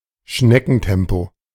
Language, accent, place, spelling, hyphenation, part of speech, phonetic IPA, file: German, Germany, Berlin, Schneckentempo, Schne‧cken‧tem‧po, noun, [ˈʃnɛkn̩ˌtɛmpo], De-Schneckentempo.ogg
- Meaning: snail's pace